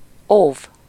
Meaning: 1. to protect, guard 2. to caution, warn someone against something 3. to make a plea
- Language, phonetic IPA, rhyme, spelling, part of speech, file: Hungarian, [ˈoːv], -oːv, óv, verb, Hu-óv.ogg